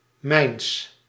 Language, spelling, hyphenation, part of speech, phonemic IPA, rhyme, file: Dutch, mijns, mijns, determiner / pronoun, /mɛi̯ns/, -ɛi̯ns, Nl-mijns.ogg
- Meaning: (determiner) genitive masculine/neuter of mijn; of my; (pronoun) genitive of ik; of me